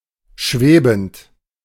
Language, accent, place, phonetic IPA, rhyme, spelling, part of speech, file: German, Germany, Berlin, [ˈʃveːbn̩t], -eːbn̩t, schwebend, verb, De-schwebend.ogg
- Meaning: present participle of schweben